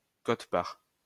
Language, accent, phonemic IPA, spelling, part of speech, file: French, France, /kɔt.paʁ/, quote-part, noun, LL-Q150 (fra)-quote-part.wav
- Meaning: share, portion